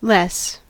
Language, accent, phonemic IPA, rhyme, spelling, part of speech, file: English, US, /lɛs/, -ɛs, less, adverb / determiner / preposition / verb / adjective / noun / conjunction, En-us-less.ogg
- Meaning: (adverb) 1. comparative degree of little 2. Used for constructing syntactic diminutive comparatives of adjectives and adverbs 3. To a smaller extent or degree